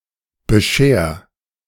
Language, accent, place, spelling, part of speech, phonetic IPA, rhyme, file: German, Germany, Berlin, bescher, verb, [bəˈʃeːɐ̯], -eːɐ̯, De-bescher.ogg
- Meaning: 1. singular imperative of bescheren 2. first-person singular present of bescheren